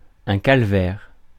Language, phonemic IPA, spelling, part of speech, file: French, /kal.vɛʁ/, calvaire, noun / interjection, Fr-calvaire.ogg
- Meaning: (noun) 1. calvary 2. ordeal; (interjection) fuck, fucking hell, bloody hell